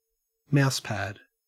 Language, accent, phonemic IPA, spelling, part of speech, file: English, Australia, /ˈmaʊs.pæd/, mouse pad, noun, En-au-mouse pad.ogg
- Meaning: A pad with surface used to enhance the movement of a computer mouse